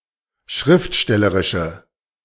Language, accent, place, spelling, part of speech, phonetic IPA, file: German, Germany, Berlin, schriftstellerische, adjective, [ˈʃʁɪftˌʃtɛləʁɪʃə], De-schriftstellerische.ogg
- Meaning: inflection of schriftstellerisch: 1. strong/mixed nominative/accusative feminine singular 2. strong nominative/accusative plural 3. weak nominative all-gender singular